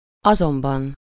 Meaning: but, however, nevertheless
- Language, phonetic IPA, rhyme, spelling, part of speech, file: Hungarian, [ˈɒzombɒn], -ɒn, azonban, conjunction, Hu-azonban.ogg